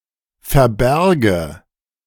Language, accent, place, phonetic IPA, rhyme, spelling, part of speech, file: German, Germany, Berlin, [fɛɐ̯ˈbɛʁɡə], -ɛʁɡə, verberge, verb, De-verberge.ogg
- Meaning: inflection of verbergen: 1. first-person singular present 2. first/third-person singular subjunctive I